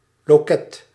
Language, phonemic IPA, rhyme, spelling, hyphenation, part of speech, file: Dutch, /loːˈkɛt/, -ɛt, loket, lo‧ket, noun, Nl-loket.ogg
- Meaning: 1. a ticket window 2. a counter, an office (at an institution)